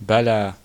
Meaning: used to contradict a negative statement
- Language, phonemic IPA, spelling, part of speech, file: Arabic, /ba.laː/, بلى, adverb, بلى.ogg